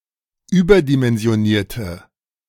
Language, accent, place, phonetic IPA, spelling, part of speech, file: German, Germany, Berlin, [ˈyːbɐdimɛnzi̯oˌniːɐ̯tə], überdimensionierte, adjective, De-überdimensionierte.ogg
- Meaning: inflection of überdimensioniert: 1. strong/mixed nominative/accusative feminine singular 2. strong nominative/accusative plural 3. weak nominative all-gender singular